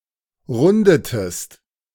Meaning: inflection of runden: 1. second-person singular preterite 2. second-person singular subjunctive II
- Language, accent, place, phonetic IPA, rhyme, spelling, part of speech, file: German, Germany, Berlin, [ˈʁʊndətəst], -ʊndətəst, rundetest, verb, De-rundetest.ogg